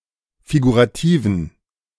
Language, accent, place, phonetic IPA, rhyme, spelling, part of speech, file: German, Germany, Berlin, [fiɡuʁaˈtiːvn̩], -iːvn̩, figurativen, adjective, De-figurativen.ogg
- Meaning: inflection of figurativ: 1. strong genitive masculine/neuter singular 2. weak/mixed genitive/dative all-gender singular 3. strong/weak/mixed accusative masculine singular 4. strong dative plural